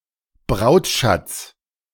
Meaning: dowry
- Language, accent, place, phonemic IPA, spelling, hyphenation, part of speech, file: German, Germany, Berlin, /ˈbʁaʊ̯tˌʃat͡s/, Brautschatz, Braut‧schatz, noun, De-Brautschatz.ogg